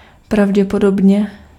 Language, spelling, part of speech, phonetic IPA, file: Czech, pravděpodobně, adverb, [ˈpravɟɛpodobɲɛ], Cs-pravděpodobně.ogg
- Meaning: probably (in all likelihood)